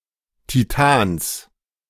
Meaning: genitive singular of Titan
- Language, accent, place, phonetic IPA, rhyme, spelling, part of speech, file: German, Germany, Berlin, [tiˈtaːns], -aːns, Titans, noun, De-Titans.ogg